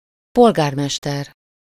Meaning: mayor
- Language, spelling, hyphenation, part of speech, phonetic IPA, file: Hungarian, polgármester, pol‧gár‧mes‧ter, noun, [ˈpolɡaːrmɛʃtɛr], Hu-polgármester.ogg